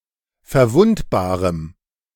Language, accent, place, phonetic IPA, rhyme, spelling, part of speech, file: German, Germany, Berlin, [fɛɐ̯ˈvʊntbaːʁəm], -ʊntbaːʁəm, verwundbarem, adjective, De-verwundbarem.ogg
- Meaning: strong dative masculine/neuter singular of verwundbar